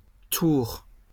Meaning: plural of tour
- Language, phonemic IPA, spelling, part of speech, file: French, /tuʁ/, tours, noun, LL-Q150 (fra)-tours.wav